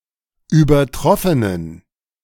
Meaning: inflection of übertroffen: 1. strong genitive masculine/neuter singular 2. weak/mixed genitive/dative all-gender singular 3. strong/weak/mixed accusative masculine singular 4. strong dative plural
- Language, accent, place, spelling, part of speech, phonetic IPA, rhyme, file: German, Germany, Berlin, übertroffenen, adjective, [yːbɐˈtʁɔfənən], -ɔfənən, De-übertroffenen.ogg